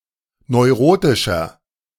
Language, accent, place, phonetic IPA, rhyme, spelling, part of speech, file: German, Germany, Berlin, [nɔɪ̯ˈʁoːtɪʃɐ], -oːtɪʃɐ, neurotischer, adjective, De-neurotischer.ogg
- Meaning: 1. comparative degree of neurotisch 2. inflection of neurotisch: strong/mixed nominative masculine singular 3. inflection of neurotisch: strong genitive/dative feminine singular